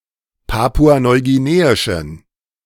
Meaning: inflection of papua-neuguineisch: 1. strong genitive masculine/neuter singular 2. weak/mixed genitive/dative all-gender singular 3. strong/weak/mixed accusative masculine singular
- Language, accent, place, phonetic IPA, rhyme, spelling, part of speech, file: German, Germany, Berlin, [ˌpaːpuanɔɪ̯ɡiˈneːɪʃn̩], -eːɪʃn̩, papua-neuguineischen, adjective, De-papua-neuguineischen.ogg